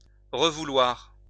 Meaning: 1. to want again 2. to want back
- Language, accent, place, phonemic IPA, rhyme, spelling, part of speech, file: French, France, Lyon, /ʁə.vu.lwaʁ/, -waʁ, revouloir, verb, LL-Q150 (fra)-revouloir.wav